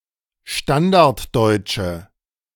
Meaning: alternative form of Standarddeutsch
- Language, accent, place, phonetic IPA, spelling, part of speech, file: German, Germany, Berlin, [ˈʃtandaʁtˌdɔɪ̯t͡ʃə], Standarddeutsche, noun, De-Standarddeutsche.ogg